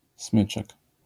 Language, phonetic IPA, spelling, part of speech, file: Polish, [ˈsmɨt͡ʃɛk], smyczek, noun, LL-Q809 (pol)-smyczek.wav